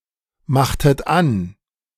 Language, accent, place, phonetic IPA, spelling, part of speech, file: German, Germany, Berlin, [ˌmaxtət ˈan], machtet an, verb, De-machtet an.ogg
- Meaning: inflection of anmachen: 1. second-person plural preterite 2. second-person plural subjunctive II